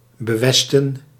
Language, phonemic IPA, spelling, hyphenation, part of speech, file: Dutch, /bəˈʋɛs.tə(n)/, bewesten, be‧wes‧ten, preposition, Nl-bewesten.ogg
- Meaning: to the west of